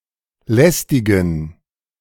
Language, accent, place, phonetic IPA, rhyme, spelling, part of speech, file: German, Germany, Berlin, [ˈlɛstɪɡn̩], -ɛstɪɡn̩, lästigen, adjective, De-lästigen.ogg
- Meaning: inflection of lästig: 1. strong genitive masculine/neuter singular 2. weak/mixed genitive/dative all-gender singular 3. strong/weak/mixed accusative masculine singular 4. strong dative plural